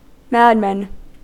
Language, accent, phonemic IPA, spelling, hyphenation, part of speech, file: English, US, /ˈmædˌmæn/, madman, mad‧man, noun, En-us-madman.ogg
- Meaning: 1. A man who is insane or mentally disturbed 2. A person who makes risky and questionable decisions 3. A daredevil